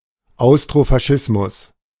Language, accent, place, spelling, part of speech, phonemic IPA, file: German, Germany, Berlin, Austrofaschismus, noun, /ˈaʊ̯stʁofaˌʃɪsmʊs/, De-Austrofaschismus.ogg
- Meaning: Austrofascism